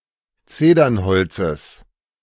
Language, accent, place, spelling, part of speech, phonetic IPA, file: German, Germany, Berlin, Zedernholzes, noun, [ˈt͡seːdɐnˌhɔlt͡səs], De-Zedernholzes.ogg
- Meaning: genitive singular of Zedernholz